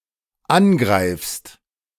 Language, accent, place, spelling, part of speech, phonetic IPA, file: German, Germany, Berlin, angreifst, verb, [ˈanˌɡʁaɪ̯fst], De-angreifst.ogg
- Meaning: second-person singular dependent present of angreifen